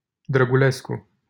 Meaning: a surname
- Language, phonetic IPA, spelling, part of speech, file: Romanian, [drəɡuˈlesku], Drăgulescu, proper noun, LL-Q7913 (ron)-Drăgulescu.wav